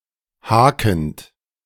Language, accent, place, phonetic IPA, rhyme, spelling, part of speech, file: German, Germany, Berlin, [ˈhaːkn̩t], -aːkn̩t, hakend, verb, De-hakend.ogg
- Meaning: present participle of haken